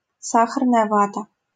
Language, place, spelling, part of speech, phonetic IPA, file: Russian, Saint Petersburg, сахарная вата, noun, [ˈsaxərnəjə ˈvatə], LL-Q7737 (rus)-сахарная вата.wav
- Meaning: cotton candy, candy floss, fairy floss